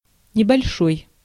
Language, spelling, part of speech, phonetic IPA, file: Russian, небольшой, adjective, [nʲɪbɐlʲˈʂoj], Ru-небольшой.ogg
- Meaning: small, little, short, not great